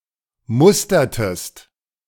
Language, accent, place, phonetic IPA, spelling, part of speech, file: German, Germany, Berlin, [ˈmʊstɐtəst], mustertest, verb, De-mustertest.ogg
- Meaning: inflection of mustern: 1. second-person singular preterite 2. second-person singular subjunctive II